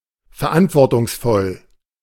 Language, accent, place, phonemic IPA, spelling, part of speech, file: German, Germany, Berlin, /fɛɐ̯ˈʔantvɔʁtʊŋsˌfɔl/, verantwortungsvoll, adjective, De-verantwortungsvoll.ogg
- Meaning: 1. responsible 2. carrying much responsibility